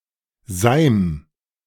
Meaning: a viscous fluid, especially syrup or honey
- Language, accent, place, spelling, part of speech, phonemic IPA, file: German, Germany, Berlin, Seim, noun, /zaɪ̯m/, De-Seim.ogg